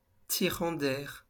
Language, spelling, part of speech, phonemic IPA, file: French, tirant d'air, noun, /ti.ʁɑ̃ d‿ɛʁ/, LL-Q150 (fra)-tirant d'air.wav
- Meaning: air draught